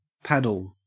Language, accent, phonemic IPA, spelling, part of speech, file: English, Australia, /ˈpædl̩/, paddle, noun / verb, En-au-paddle.ogg